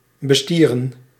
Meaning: alternative form of besturen
- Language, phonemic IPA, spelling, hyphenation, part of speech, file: Dutch, /bəˈstiːrə(n)/, bestieren, be‧stie‧ren, verb, Nl-bestieren.ogg